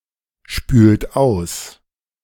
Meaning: inflection of ausspülen: 1. second-person plural present 2. third-person singular present 3. plural imperative
- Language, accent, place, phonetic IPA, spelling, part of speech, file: German, Germany, Berlin, [ˌʃpyːlt ˈaʊ̯s], spült aus, verb, De-spült aus.ogg